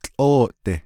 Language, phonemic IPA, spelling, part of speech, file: Navajo, /t͡ɬʼóːʔtɪ̀/, tłʼóoʼdi, adverb, Nv-tłʼóoʼdi.ogg
- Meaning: the outside, outdoors